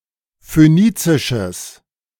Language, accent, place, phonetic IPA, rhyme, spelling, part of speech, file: German, Germany, Berlin, [føˈniːt͡sɪʃəs], -iːt͡sɪʃəs, phönizisches, adjective, De-phönizisches.ogg
- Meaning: strong/mixed nominative/accusative neuter singular of phönizisch